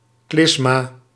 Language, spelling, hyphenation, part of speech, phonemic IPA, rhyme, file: Dutch, klysma, klys‧ma, noun, /ˈklɪs.maː/, -ɪsmaː, Nl-klysma.ogg
- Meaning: enema, clyster